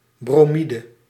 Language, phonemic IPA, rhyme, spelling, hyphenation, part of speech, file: Dutch, /ˌbroːˈmi.də/, -idə, bromide, bro‧mi‧de, noun, Nl-bromide.ogg
- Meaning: 1. bromide 2. bromide (sedative)